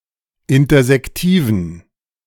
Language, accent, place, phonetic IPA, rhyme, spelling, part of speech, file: German, Germany, Berlin, [ˌɪntɐzɛkˈtiːvn̩], -iːvn̩, intersektiven, adjective, De-intersektiven.ogg
- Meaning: inflection of intersektiv: 1. strong genitive masculine/neuter singular 2. weak/mixed genitive/dative all-gender singular 3. strong/weak/mixed accusative masculine singular 4. strong dative plural